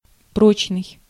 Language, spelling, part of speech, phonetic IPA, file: Russian, прочный, adjective, [ˈprot͡ɕnɨj], Ru-прочный.ogg
- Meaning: durable, strong, firm